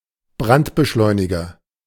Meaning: fire accelerant
- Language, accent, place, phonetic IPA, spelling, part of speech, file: German, Germany, Berlin, [ˈbʁantbəˌʃlɔɪ̯nɪɡɐ], Brandbeschleuniger, noun, De-Brandbeschleuniger.ogg